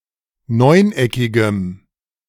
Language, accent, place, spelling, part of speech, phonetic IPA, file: German, Germany, Berlin, neuneckigem, adjective, [ˈnɔɪ̯nˌʔɛkɪɡəm], De-neuneckigem.ogg
- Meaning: strong dative masculine/neuter singular of neuneckig